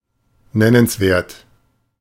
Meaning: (adjective) 1. considerable, appreciable 2. noteworthy, significant; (adverb) 1. considerably, appreciably 2. significantly
- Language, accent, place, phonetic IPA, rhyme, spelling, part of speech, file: German, Germany, Berlin, [ˈnɛnənsˌveːɐ̯t], -ɛnənsveːɐ̯t, nennenswert, adjective, De-nennenswert.ogg